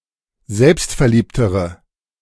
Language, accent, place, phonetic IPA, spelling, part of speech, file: German, Germany, Berlin, [ˈzɛlpstfɛɐ̯ˌliːptəʁə], selbstverliebtere, adjective, De-selbstverliebtere.ogg
- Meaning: inflection of selbstverliebt: 1. strong/mixed nominative/accusative feminine singular comparative degree 2. strong nominative/accusative plural comparative degree